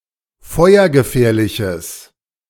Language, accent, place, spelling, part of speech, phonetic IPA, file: German, Germany, Berlin, feuergefährliches, adjective, [ˈfɔɪ̯ɐɡəˌfɛːɐ̯lɪçəs], De-feuergefährliches.ogg
- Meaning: strong/mixed nominative/accusative neuter singular of feuergefährlich